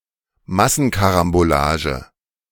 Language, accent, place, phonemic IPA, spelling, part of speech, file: German, Germany, Berlin, /ˈmasənˌkaʁamboˌlaːʒə/, Massenkarambolage, noun, De-Massenkarambolage.ogg
- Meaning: pile-up (major car accident, typically involving five or more vehicles)